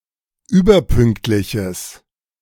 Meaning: strong/mixed nominative/accusative neuter singular of überpünktlich
- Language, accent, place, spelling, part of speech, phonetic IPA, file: German, Germany, Berlin, überpünktliches, adjective, [ˈyːbɐˌpʏŋktlɪçəs], De-überpünktliches.ogg